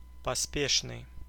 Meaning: prompt, hasty, hurried, rash, thoughtless
- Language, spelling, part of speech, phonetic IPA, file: Russian, поспешный, adjective, [pɐˈspʲeʂnɨj], Ru-поспешный.ogg